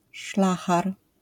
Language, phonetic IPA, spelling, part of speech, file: Polish, [ˈʃlaxar], szlachar, noun, LL-Q809 (pol)-szlachar.wav